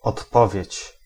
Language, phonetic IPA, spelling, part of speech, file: Polish, [ɔtˈpɔvʲjɛ̇t͡ɕ], odpowiedź, noun, Pl-odpowiedź.ogg